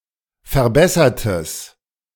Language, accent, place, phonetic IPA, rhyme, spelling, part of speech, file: German, Germany, Berlin, [fɛɐ̯ˈbɛsɐtəs], -ɛsɐtəs, verbessertes, adjective, De-verbessertes.ogg
- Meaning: strong/mixed nominative/accusative neuter singular of verbessert